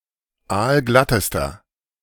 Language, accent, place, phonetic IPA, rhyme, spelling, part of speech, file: German, Germany, Berlin, [ˈaːlˈɡlatəstɐ], -atəstɐ, aalglattester, adjective, De-aalglattester.ogg
- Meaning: inflection of aalglatt: 1. strong/mixed nominative masculine singular superlative degree 2. strong genitive/dative feminine singular superlative degree 3. strong genitive plural superlative degree